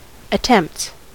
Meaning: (noun) plural of attempt; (verb) third-person singular simple present indicative of attempt
- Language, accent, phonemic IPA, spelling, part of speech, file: English, US, /əˈtɛmpts/, attempts, noun / verb, En-us-attempts.ogg